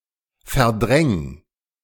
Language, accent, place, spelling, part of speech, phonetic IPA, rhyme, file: German, Germany, Berlin, verdräng, verb, [fɛɐ̯ˈdʁɛŋ], -ɛŋ, De-verdräng.ogg
- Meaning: 1. singular imperative of verdrängen 2. first-person singular present of verdrängen